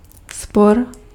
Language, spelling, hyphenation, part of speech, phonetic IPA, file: Czech, spor, spor, noun, [ˈspor], Cs-spor.ogg
- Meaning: 1. quarrel 2. dispute 3. contradiction